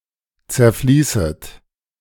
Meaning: second-person plural subjunctive I of zerfließen
- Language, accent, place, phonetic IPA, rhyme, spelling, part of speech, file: German, Germany, Berlin, [t͡sɛɐ̯ˈfliːsət], -iːsət, zerfließet, verb, De-zerfließet.ogg